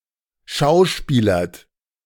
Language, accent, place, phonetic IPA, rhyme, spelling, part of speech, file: German, Germany, Berlin, [ˈʃaʊ̯ˌʃpiːlɐt], -aʊ̯ʃpiːlɐt, schauspielert, verb, De-schauspielert.ogg
- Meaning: inflection of schauspielern: 1. second-person plural present 2. third-person singular present 3. plural imperative